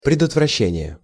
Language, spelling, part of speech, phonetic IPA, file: Russian, предотвращение, noun, [prʲɪdətvrɐˈɕːenʲɪje], Ru-предотвращение.ogg
- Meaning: prevention, staving off